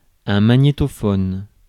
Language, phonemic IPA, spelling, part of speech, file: French, /ma.ɲe.tɔ.fɔn/, magnétophone, noun, Fr-magnétophone.ogg
- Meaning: tape recorder (an electromechanical device use to record and play back sound)